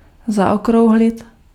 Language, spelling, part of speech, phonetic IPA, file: Czech, zaokrouhlit, verb, [ˈzaokrou̯ɦlɪt], Cs-zaokrouhlit.ogg
- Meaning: to round